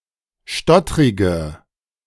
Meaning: inflection of stottrig: 1. strong/mixed nominative/accusative feminine singular 2. strong nominative/accusative plural 3. weak nominative all-gender singular
- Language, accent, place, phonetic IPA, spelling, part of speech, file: German, Germany, Berlin, [ˈʃtɔtʁɪɡə], stottrige, adjective, De-stottrige.ogg